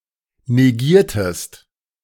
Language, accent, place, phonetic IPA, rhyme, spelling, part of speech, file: German, Germany, Berlin, [neˈɡiːɐ̯təst], -iːɐ̯təst, negiertest, verb, De-negiertest.ogg
- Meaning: inflection of negieren: 1. second-person singular preterite 2. second-person singular subjunctive II